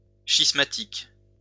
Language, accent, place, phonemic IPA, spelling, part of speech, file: French, France, Lyon, /ʃis.ma.tik/, schismatique, adjective / noun, LL-Q150 (fra)-schismatique.wav
- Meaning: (adjective) schismatic